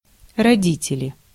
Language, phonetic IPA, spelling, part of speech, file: Russian, [rɐˈdʲitʲɪlʲɪ], родители, noun, Ru-родители.ogg
- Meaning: nominative plural of роди́тель (rodítelʹ)